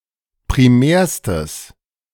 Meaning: strong/mixed nominative/accusative neuter singular superlative degree of primär
- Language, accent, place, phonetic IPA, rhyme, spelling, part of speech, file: German, Germany, Berlin, [pʁiˈmɛːɐ̯stəs], -ɛːɐ̯stəs, primärstes, adjective, De-primärstes.ogg